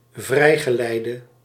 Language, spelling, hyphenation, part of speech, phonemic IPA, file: Dutch, vrijgeleide, vrij‧ge‧lei‧de, noun, /ˈvrɛi̯.ɣəˌlɛi̯.də/, Nl-vrijgeleide.ogg
- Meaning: 1. safe-conduct 2. free hand, free rein